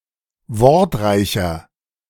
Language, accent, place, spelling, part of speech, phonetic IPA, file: German, Germany, Berlin, wortreicher, adjective, [ˈvɔʁtˌʁaɪ̯çɐ], De-wortreicher.ogg
- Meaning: 1. comparative degree of wortreich 2. inflection of wortreich: strong/mixed nominative masculine singular 3. inflection of wortreich: strong genitive/dative feminine singular